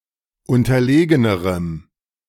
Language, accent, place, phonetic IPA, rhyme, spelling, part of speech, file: German, Germany, Berlin, [ˌʊntɐˈleːɡənəʁəm], -eːɡənəʁəm, unterlegenerem, adjective, De-unterlegenerem.ogg
- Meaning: strong dative masculine/neuter singular comparative degree of unterlegen